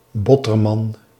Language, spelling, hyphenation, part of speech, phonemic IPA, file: Dutch, Botterman, Bot‧ter‧man, proper noun, /ˈbɔ.tərˌmɑn/, Nl-Botterman.ogg
- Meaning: a surname